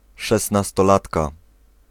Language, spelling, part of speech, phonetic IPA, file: Polish, szesnastolatka, noun, [ˌʃɛsnastɔˈlatka], Pl-szesnastolatka.ogg